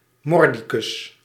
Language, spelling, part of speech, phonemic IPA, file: Dutch, mordicus, adverb, /ˈmɔrdikʏs/, Nl-mordicus.ogg
- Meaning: fiercely, persistently, intransigently